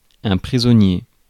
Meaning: prisoner
- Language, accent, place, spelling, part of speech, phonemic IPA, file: French, France, Paris, prisonnier, noun, /pʁi.zɔ.nje/, Fr-prisonnier.ogg